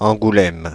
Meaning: Angoulême (a city in Charente department, France)
- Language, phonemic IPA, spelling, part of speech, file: French, /ɑ̃.ɡu.lɛm/, Angoulême, proper noun, Fr-Angoulême.ogg